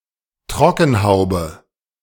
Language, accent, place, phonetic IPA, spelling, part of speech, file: German, Germany, Berlin, [ˈtʁɔkn̩ˌhaʊ̯bə], Trockenhaube, noun, De-Trockenhaube.ogg
- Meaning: hair dryer hood, hood of hair dryer